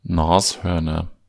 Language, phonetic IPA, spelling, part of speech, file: German, [ˈnaːsˌhœʁnɐ], Nashörner, noun, De-Nashörner.ogg
- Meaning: nominative/accusative/genitive plural of Nashorn (“rhinoceros”)